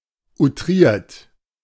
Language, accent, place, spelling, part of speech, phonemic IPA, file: German, Germany, Berlin, outriert, verb / adjective, /uˈtʁiːɐ̯t/, De-outriert.ogg
- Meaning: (verb) past participle of outrieren; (adjective) exaggerated